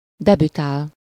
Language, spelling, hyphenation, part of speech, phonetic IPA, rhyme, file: Hungarian, debütál, de‧bü‧tál, verb, [ˈdɛbytaːl], -aːl, Hu-debütál.ogg
- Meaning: to debut